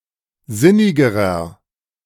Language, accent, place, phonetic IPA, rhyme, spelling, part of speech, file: German, Germany, Berlin, [ˈzɪnɪɡəʁɐ], -ɪnɪɡəʁɐ, sinnigerer, adjective, De-sinnigerer.ogg
- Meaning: inflection of sinnig: 1. strong/mixed nominative masculine singular comparative degree 2. strong genitive/dative feminine singular comparative degree 3. strong genitive plural comparative degree